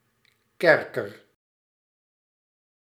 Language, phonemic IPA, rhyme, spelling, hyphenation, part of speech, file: Dutch, /ˈkɛrkər/, -ɛrkər, kerker, ker‧ker, noun, Nl-kerker.ogg
- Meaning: dungeon